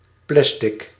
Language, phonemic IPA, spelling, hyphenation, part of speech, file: Dutch, /ˈplɛs.tɪk/, plastic, plas‧tic, noun / adjective, Nl-plastic.ogg
- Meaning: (noun) 1. plastic (synthetic polymer substance) 2. plastic (specific type of synthetic polymer); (adjective) plastic